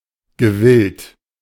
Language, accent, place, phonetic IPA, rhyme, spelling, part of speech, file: German, Germany, Berlin, [ɡəˈvɪlt], -ɪlt, gewillt, adjective, De-gewillt.ogg
- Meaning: willing